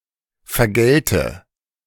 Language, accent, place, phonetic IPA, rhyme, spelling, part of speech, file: German, Germany, Berlin, [fɛɐ̯ˈɡɛltə], -ɛltə, vergälte, verb, De-vergälte.ogg
- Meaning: first/third-person singular subjunctive II of vergelten